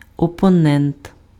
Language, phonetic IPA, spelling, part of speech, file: Ukrainian, [ɔpɔˈnɛnt], опонент, noun, Uk-опонент.ogg
- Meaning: opponent